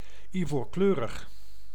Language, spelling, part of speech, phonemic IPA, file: Dutch, ivoorkleurig, noun / adjective, /iˈvorklørəx/, Nl-ivoorkleurig.ogg
- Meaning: ivory (having colour of ivory)